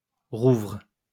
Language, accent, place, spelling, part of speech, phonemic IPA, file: French, France, Lyon, rouvre, noun / verb, /ʁuvʁ/, LL-Q150 (fra)-rouvre.wav
- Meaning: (noun) sessile oak; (verb) inflection of rouvrir: 1. first/third-person singular present indicative/subjunctive 2. second-person singular imperative